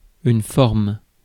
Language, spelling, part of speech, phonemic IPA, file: French, forme, noun / verb, /fɔʁm/, Fr-forme.ogg
- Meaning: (noun) 1. shape (geometrical representation) 2. shape (physical appearance) 3. form; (verb) inflection of former: third-person singular present indicative